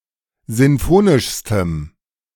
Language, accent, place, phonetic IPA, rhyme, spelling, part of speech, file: German, Germany, Berlin, [ˌzɪnˈfoːnɪʃstəm], -oːnɪʃstəm, sinfonischstem, adjective, De-sinfonischstem.ogg
- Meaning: strong dative masculine/neuter singular superlative degree of sinfonisch